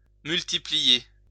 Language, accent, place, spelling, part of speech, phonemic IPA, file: French, France, Lyon, multiplier, verb, /myl.ti.pli.je/, LL-Q150 (fra)-multiplier.wav
- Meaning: 1. to multiply 2. to multiply, to increase